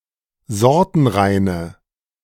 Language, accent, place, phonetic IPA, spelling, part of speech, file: German, Germany, Berlin, [ˈzɔʁtn̩ˌʁaɪ̯nə], sortenreine, adjective, De-sortenreine.ogg
- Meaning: inflection of sortenrein: 1. strong/mixed nominative/accusative feminine singular 2. strong nominative/accusative plural 3. weak nominative all-gender singular